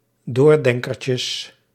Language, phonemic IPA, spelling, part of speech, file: Dutch, /ˈdordɛŋkərcəs/, doordenkertjes, noun, Nl-doordenkertjes.ogg
- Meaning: plural of doordenkertje